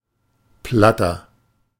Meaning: inflection of platt: 1. strong/mixed nominative masculine singular 2. strong genitive/dative feminine singular 3. strong genitive plural
- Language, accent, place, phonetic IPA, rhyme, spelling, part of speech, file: German, Germany, Berlin, [ˈplatɐ], -atɐ, platter, adjective / verb, De-platter.ogg